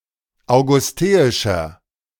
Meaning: inflection of augusteisch: 1. strong/mixed nominative masculine singular 2. strong genitive/dative feminine singular 3. strong genitive plural
- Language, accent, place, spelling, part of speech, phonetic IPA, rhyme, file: German, Germany, Berlin, augusteischer, adjective, [aʊ̯ɡʊsˈteːɪʃɐ], -eːɪʃɐ, De-augusteischer.ogg